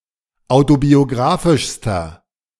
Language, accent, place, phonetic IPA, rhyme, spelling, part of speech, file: German, Germany, Berlin, [ˌaʊ̯tobioˈɡʁaːfɪʃstɐ], -aːfɪʃstɐ, autobiografischster, adjective, De-autobiografischster.ogg
- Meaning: inflection of autobiografisch: 1. strong/mixed nominative masculine singular superlative degree 2. strong genitive/dative feminine singular superlative degree